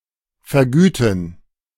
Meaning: to compensate
- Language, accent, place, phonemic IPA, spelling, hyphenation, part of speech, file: German, Germany, Berlin, /fɛɐ̯ˈɡyːtn̩/, vergüten, ver‧gü‧ten, verb, De-vergüten.ogg